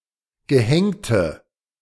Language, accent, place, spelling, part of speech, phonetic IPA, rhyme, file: German, Germany, Berlin, gehängte, adjective, [ɡəˈhɛŋtə], -ɛŋtə, De-gehängte.ogg
- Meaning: inflection of gehängt: 1. strong/mixed nominative/accusative feminine singular 2. strong nominative/accusative plural 3. weak nominative all-gender singular 4. weak accusative feminine/neuter singular